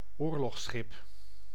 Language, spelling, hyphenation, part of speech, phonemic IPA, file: Dutch, oorlogsschip, oor‧logs‧schip, noun, /ˈoːr.lɔxˌsxɪp/, Nl-oorlogsschip.ogg
- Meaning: warship, combat ship